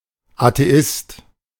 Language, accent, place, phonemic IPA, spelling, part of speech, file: German, Germany, Berlin, /ateˈɪst/, Atheist, noun, De-Atheist.ogg
- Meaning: atheist